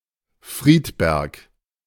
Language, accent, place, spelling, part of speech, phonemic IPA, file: German, Germany, Berlin, Friedberg, proper noun, /ˈfʁiːtˌbɛʁk/, De-Friedberg.ogg
- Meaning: 1. a municipality of Styria, Austria 2. a town in Aichach-Friedberg district, Swabia region, Bavaria, Germany 3. a town in Wetteraukreis district, Hesse, Germany